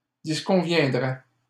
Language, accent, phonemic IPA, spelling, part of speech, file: French, Canada, /dis.kɔ̃.vjɛ̃.dʁɛ/, disconviendrais, verb, LL-Q150 (fra)-disconviendrais.wav
- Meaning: first/second-person singular conditional of disconvenir